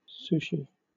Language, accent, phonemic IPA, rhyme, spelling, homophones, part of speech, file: English, Southern England, /ˈsuːʃi/, -uːʃi, sushi, souchy, noun / verb, LL-Q1860 (eng)-sushi.wav
- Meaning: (noun) A Japanese dish made of small portions of sticky white rice flavored with vinegar, usually wrapped in seaweed and filled or topped with fish, vegetables or meat